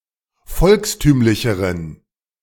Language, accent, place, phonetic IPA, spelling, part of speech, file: German, Germany, Berlin, [ˈfɔlksˌtyːmlɪçəʁən], volkstümlicheren, adjective, De-volkstümlicheren.ogg
- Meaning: inflection of volkstümlich: 1. strong genitive masculine/neuter singular comparative degree 2. weak/mixed genitive/dative all-gender singular comparative degree